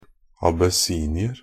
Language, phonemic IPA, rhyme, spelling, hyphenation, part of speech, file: Norwegian Bokmål, /abəˈsiːnɪər/, -ər, abessinier, ab‧es‧si‧ni‧er, noun, NB - Pronunciation of Norwegian Bokmål «abessinier».ogg
- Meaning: an Abyssinian (a native or inhabitant of Abyssinia, and older name for Ethiopia)